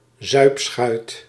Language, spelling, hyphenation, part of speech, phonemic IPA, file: Dutch, zuipschuit, zuip‧schuit, noun, /ˈzœy̯p.sxœy̯t/, Nl-zuipschuit.ogg
- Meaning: a boozer, who tends to drink (too) much